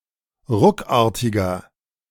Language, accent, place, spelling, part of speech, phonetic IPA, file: German, Germany, Berlin, ruckartiger, adjective, [ˈʁʊkˌaːɐ̯tɪɡɐ], De-ruckartiger.ogg
- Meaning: 1. comparative degree of ruckartig 2. inflection of ruckartig: strong/mixed nominative masculine singular 3. inflection of ruckartig: strong genitive/dative feminine singular